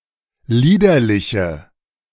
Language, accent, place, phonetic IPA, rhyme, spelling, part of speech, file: German, Germany, Berlin, [ˈliːdɐlɪçə], -iːdɐlɪçə, liederliche, adjective, De-liederliche.ogg
- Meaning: inflection of liederlich: 1. strong/mixed nominative/accusative feminine singular 2. strong nominative/accusative plural 3. weak nominative all-gender singular